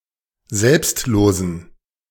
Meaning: inflection of selbstlos: 1. strong genitive masculine/neuter singular 2. weak/mixed genitive/dative all-gender singular 3. strong/weak/mixed accusative masculine singular 4. strong dative plural
- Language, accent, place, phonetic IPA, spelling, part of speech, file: German, Germany, Berlin, [ˈzɛlpstˌloːzn̩], selbstlosen, adjective, De-selbstlosen.ogg